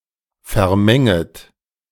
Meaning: second-person plural subjunctive I of vermengen
- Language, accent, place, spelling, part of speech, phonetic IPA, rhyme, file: German, Germany, Berlin, vermenget, verb, [fɛɐ̯ˈmɛŋət], -ɛŋət, De-vermenget.ogg